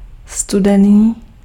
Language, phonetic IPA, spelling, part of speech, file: Czech, [ˈstudɛniː], studený, adjective, Cs-studený.ogg
- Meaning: cold, cool